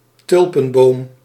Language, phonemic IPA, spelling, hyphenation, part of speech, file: Dutch, /ˈtʏl.pə(n)ˌboːm/, tulpenboom, tul‧pen‧boom, noun, Nl-tulpenboom.ogg
- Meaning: 1. magnolia, tree of the genus Magnolia 2. tulip tree, tree of the genus Liriodendron 3. African tulip tree (Spathodea campanulata)